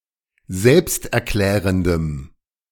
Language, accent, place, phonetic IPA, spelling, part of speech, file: German, Germany, Berlin, [ˈzɛlpstʔɛɐ̯ˌklɛːʁəndəm], selbsterklärendem, adjective, De-selbsterklärendem.ogg
- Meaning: strong dative masculine/neuter singular of selbsterklärend